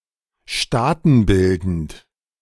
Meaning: social (of insects)
- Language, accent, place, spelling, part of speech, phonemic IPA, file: German, Germany, Berlin, staatenbildend, adjective, /ˈʃtaːtn̩ˌbɪldənt/, De-staatenbildend.ogg